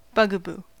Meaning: Alternative spelling of bug-a-boo
- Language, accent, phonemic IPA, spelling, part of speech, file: English, US, /ˈbʌɡəbuː/, bugaboo, noun, En-us-bugaboo.ogg